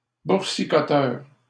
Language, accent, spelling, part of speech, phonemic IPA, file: French, Canada, boursicoteur, noun, /buʁ.si.kɔ.tœʁ/, LL-Q150 (fra)-boursicoteur.wav
- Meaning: One who dabbles in the stock market